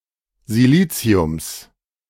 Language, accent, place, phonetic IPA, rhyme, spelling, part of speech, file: German, Germany, Berlin, [ziˈliːt͡si̯ʊms], -iːt͡si̯ʊms, Siliziums, noun, De-Siliziums.ogg
- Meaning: genitive singular of Silizium